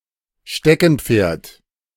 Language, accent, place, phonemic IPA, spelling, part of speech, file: German, Germany, Berlin, /ˈʃtɛkn̩ˌp͡feːɐ̯t/, Steckenpferd, noun, De-Steckenpferd.ogg
- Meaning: 1. hobby horse (child's toy) 2. hobby